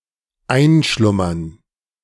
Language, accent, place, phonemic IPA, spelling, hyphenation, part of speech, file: German, Germany, Berlin, /ˈaɪ̯nˌʃlʊmɐn/, einschlummern, ein‧schlum‧mern, verb, De-einschlummern.ogg
- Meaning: to fall asleep, doze off